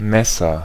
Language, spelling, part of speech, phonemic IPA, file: German, Messer, noun, /ˈmɛsɐ/, De-Messer.ogg
- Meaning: 1. knife 2. agent noun of messen: measurer, surveyor 3. agent noun of messen: gauge, meter